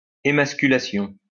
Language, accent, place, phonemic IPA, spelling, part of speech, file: French, France, Lyon, /e.mas.ky.la.sjɔ̃/, émasculation, noun, LL-Q150 (fra)-émasculation.wav
- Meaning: emasculation